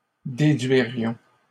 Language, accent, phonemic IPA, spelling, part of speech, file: French, Canada, /de.dɥi.ʁjɔ̃/, déduirions, verb, LL-Q150 (fra)-déduirions.wav
- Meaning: first-person plural conditional of déduire